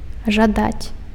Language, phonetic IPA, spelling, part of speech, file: Belarusian, [ʐaˈdat͡sʲ], жадаць, verb, Be-жадаць.ogg
- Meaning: 1. to crave (to desire strongly) 2. to wish (to bestow a thought or gesture towards someone or something)